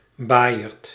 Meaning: 1. the primordial chaos before creation 2. chaos 3. diverse set 4. an institution that provided temporary shelter to poor strangers
- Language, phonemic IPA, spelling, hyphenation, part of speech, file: Dutch, /ˈbaːi̯.ərt/, baaierd, baai‧erd, noun, Nl-baaierd.ogg